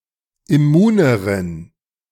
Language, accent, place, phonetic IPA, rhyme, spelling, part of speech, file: German, Germany, Berlin, [ɪˈmuːnəʁən], -uːnəʁən, immuneren, adjective, De-immuneren.ogg
- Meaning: inflection of immun: 1. strong genitive masculine/neuter singular comparative degree 2. weak/mixed genitive/dative all-gender singular comparative degree